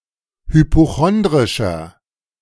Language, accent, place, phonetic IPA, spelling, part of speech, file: German, Germany, Berlin, [hypoˈxɔndʁɪʃɐ], hypochondrischer, adjective, De-hypochondrischer.ogg
- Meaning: 1. comparative degree of hypochondrisch 2. inflection of hypochondrisch: strong/mixed nominative masculine singular 3. inflection of hypochondrisch: strong genitive/dative feminine singular